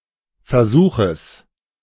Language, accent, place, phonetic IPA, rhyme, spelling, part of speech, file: German, Germany, Berlin, [fɛɐ̯ˈzuːxəs], -uːxəs, Versuches, noun, De-Versuches.ogg
- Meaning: genitive singular of Versuch